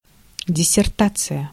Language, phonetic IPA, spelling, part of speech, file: Russian, [dʲɪsʲɪrˈtat͡sɨjə], диссертация, noun, Ru-диссертация.ogg
- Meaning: dissertation, thesis